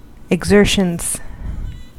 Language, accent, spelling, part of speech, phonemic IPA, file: English, US, exertions, noun, /əɡˈzɝʃən/, En-us-exertions.ogg
- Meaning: plural of exertion